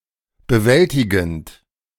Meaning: present participle of bewältigen
- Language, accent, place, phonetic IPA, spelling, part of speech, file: German, Germany, Berlin, [bəˈvɛltɪɡn̩t], bewältigend, verb, De-bewältigend.ogg